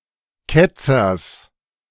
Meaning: genitive of Ketzer
- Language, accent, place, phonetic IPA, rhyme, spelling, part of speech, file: German, Germany, Berlin, [ˈkɛt͡sɐs], -ɛt͡sɐs, Ketzers, noun, De-Ketzers.ogg